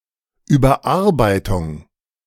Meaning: revision
- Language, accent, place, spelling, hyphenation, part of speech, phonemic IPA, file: German, Germany, Berlin, Überarbeitung, Über‧ar‧bei‧tung, noun, /yːbɐˈʔaʁbaɪ̯tʊŋ/, De-Überarbeitung.ogg